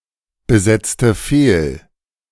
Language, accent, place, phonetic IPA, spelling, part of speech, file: German, Germany, Berlin, [bəˌzɛt͡stə ˈfeːl], besetzte fehl, verb, De-besetzte fehl.ogg
- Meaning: inflection of fehlbesetzen: 1. first/third-person singular preterite 2. first/third-person singular subjunctive II